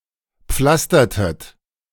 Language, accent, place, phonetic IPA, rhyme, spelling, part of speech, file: German, Germany, Berlin, [ˈp͡flastɐtət], -astɐtət, pflastertet, verb, De-pflastertet.ogg
- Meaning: inflection of pflastern: 1. second-person plural preterite 2. second-person plural subjunctive II